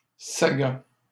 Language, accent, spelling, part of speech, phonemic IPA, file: French, Canada, saga, noun, /sa.ɡa/, LL-Q150 (fra)-saga.wav
- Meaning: saga